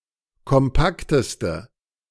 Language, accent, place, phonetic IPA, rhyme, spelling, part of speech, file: German, Germany, Berlin, [kɔmˈpaktəstə], -aktəstə, kompakteste, adjective, De-kompakteste.ogg
- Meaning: inflection of kompakt: 1. strong/mixed nominative/accusative feminine singular superlative degree 2. strong nominative/accusative plural superlative degree